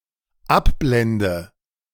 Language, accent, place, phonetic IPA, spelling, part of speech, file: German, Germany, Berlin, [ˈapˌblɛndə], abblende, verb, De-abblende.ogg
- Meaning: inflection of abblenden: 1. first-person singular dependent present 2. first/third-person singular dependent subjunctive I